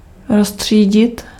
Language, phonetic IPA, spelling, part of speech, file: Czech, [ˈrostr̝̊iːɟɪt], roztřídit, verb, Cs-roztřídit.ogg
- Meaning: to sort out (to organise or separate into groups)